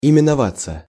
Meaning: 1. to be called 2. passive of именова́ть (imenovátʹ)
- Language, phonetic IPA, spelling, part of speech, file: Russian, [ɪmʲɪnɐˈvat͡sːə], именоваться, verb, Ru-именоваться.ogg